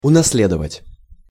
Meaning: 1. to inherit (property, traditions, vices, etc.) 2. to receive an inheritance
- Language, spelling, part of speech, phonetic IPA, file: Russian, унаследовать, verb, [ʊnɐs⁽ʲ⁾ˈlʲedəvətʲ], Ru-унаследовать.ogg